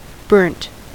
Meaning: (verb) simple past and past participle of burn; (adjective) 1. Damaged or injured by fire or heat 2. Carbonised 3. Having a sunburn 4. Being darker than standard, especially browner; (noun) Char
- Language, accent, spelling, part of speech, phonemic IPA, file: English, General American, burnt, verb / adjective / noun, /bɝnt/, En-us-burnt.ogg